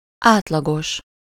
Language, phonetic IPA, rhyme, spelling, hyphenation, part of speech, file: Hungarian, [ˈaːtlɒɡoʃ], -oʃ, átlagos, át‧la‧gos, adjective, Hu-átlagos.ogg
- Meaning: average